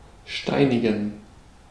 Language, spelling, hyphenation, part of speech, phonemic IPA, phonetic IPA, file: German, steinigen, stei‧ni‧gen, verb, /ˈʃtaɪ̯nɪɡən/, [ˈʃtaɪ̯nɪɡŋ̩], De-steinigen.ogg
- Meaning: to stone (usually to death); to lapidate